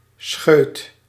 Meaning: 1. shoot, sprout of a plant 2. a small amount of poured liquid 3. a short, sudden pain
- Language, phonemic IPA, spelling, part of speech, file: Dutch, /sxøːt/, scheut, noun, Nl-scheut.ogg